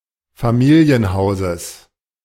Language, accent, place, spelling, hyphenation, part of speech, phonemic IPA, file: German, Germany, Berlin, Familienhauses, Fa‧mi‧li‧en‧hau‧ses, noun, /faˈmiːli̯ənˌhaʊ̯zəs/, De-Familienhauses.ogg
- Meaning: genitive singular of Familienhaus